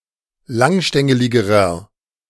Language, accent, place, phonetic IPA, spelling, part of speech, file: German, Germany, Berlin, [ˈlaŋˌʃtɛŋəlɪɡəʁɐ], langstängeligerer, adjective, De-langstängeligerer.ogg
- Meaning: inflection of langstängelig: 1. strong/mixed nominative masculine singular comparative degree 2. strong genitive/dative feminine singular comparative degree